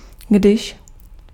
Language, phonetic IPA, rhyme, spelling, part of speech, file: Czech, [ˈɡdɪʃ], -ɪʃ, když, conjunction, Cs-když.ogg
- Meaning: 1. when (at such time as) 2. when (at a given point of time) 3. if (supposing that, assuming that, in the circumstances that)